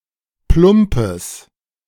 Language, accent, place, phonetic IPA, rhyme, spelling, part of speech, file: German, Germany, Berlin, [ˈplʊmpəs], -ʊmpəs, plumpes, adjective, De-plumpes.ogg
- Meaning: strong/mixed nominative/accusative neuter singular of plump